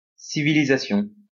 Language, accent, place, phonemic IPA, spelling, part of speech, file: French, France, Lyon, /si.vi.li.za.sjɔ̃/, civilisation, noun, LL-Q150 (fra)-civilisation.wav
- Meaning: civilization